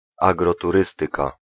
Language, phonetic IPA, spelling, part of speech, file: Polish, [ˌaɡrɔtuˈrɨstɨka], agroturystyka, noun, Pl-agroturystyka.ogg